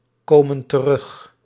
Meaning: inflection of terugkomen: 1. plural present indicative 2. plural present subjunctive
- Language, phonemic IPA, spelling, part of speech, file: Dutch, /ˈkomə(n) t(ə)ˈrʏx/, komen terug, verb, Nl-komen terug.ogg